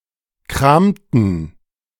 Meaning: inflection of kramen: 1. first/third-person plural preterite 2. first/third-person plural subjunctive II
- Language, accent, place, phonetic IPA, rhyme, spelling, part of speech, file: German, Germany, Berlin, [ˈkʁaːmtn̩], -aːmtn̩, kramten, verb, De-kramten.ogg